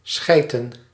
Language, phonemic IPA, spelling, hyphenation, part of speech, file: Dutch, /ˈsxɛi̯.tə(n)/, schijten, schij‧ten, verb, Nl-schijten.ogg
- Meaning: to shit, to poop